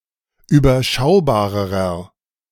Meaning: inflection of überschaubar: 1. strong/mixed nominative masculine singular comparative degree 2. strong genitive/dative feminine singular comparative degree 3. strong genitive plural comparative degree
- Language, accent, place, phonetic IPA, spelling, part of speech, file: German, Germany, Berlin, [yːbɐˈʃaʊ̯baːʁəʁɐ], überschaubarerer, adjective, De-überschaubarerer.ogg